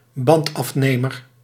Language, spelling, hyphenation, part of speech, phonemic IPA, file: Dutch, bandafnemer, band‧af‧ne‧mer, noun, /ˈbɑnt.ɑfˌneː.mər/, Nl-bandafnemer.ogg
- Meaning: tyre lever, tire iron (for bike wheels)